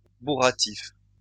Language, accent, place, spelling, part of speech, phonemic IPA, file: French, France, Lyon, bourratif, adjective, /bu.ʁa.tif/, LL-Q150 (fra)-bourratif.wav
- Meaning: filling, stodgy